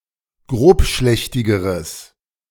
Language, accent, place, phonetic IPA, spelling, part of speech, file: German, Germany, Berlin, [ˈɡʁoːpˌʃlɛçtɪɡəʁəs], grobschlächtigeres, adjective, De-grobschlächtigeres.ogg
- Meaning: strong/mixed nominative/accusative neuter singular comparative degree of grobschlächtig